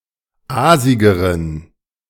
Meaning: inflection of aasig: 1. strong genitive masculine/neuter singular comparative degree 2. weak/mixed genitive/dative all-gender singular comparative degree
- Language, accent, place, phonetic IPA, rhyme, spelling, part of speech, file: German, Germany, Berlin, [ˈaːzɪɡəʁən], -aːzɪɡəʁən, aasigeren, adjective, De-aasigeren.ogg